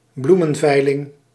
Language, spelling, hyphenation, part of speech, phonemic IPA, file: Dutch, bloemenveiling, bloe‧men‧vei‧ling, noun, /ˈblu.mə(n)ˌvɛi̯.lɪŋ/, Nl-bloemenveiling.ogg
- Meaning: flower auction